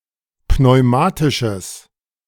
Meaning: strong/mixed nominative/accusative neuter singular of pneumatisch
- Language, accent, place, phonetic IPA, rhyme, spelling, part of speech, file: German, Germany, Berlin, [pnɔɪ̯ˈmaːtɪʃəs], -aːtɪʃəs, pneumatisches, adjective, De-pneumatisches.ogg